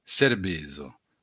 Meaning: beer
- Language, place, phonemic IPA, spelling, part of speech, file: Occitan, Béarn, /seɾˈbezo/, cervesa, noun, LL-Q14185 (oci)-cervesa.wav